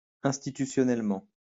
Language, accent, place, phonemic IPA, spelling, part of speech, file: French, France, Lyon, /ɛ̃s.ti.ty.sjɔ.nɛl.mɑ̃/, institutionnellement, adverb, LL-Q150 (fra)-institutionnellement.wav
- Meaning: institutionally